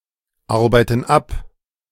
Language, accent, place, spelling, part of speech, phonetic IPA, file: German, Germany, Berlin, arbeiten ab, verb, [ˌaʁbaɪ̯tn̩ ˈap], De-arbeiten ab.ogg
- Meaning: inflection of abarbeiten: 1. first/third-person plural present 2. first/third-person plural subjunctive I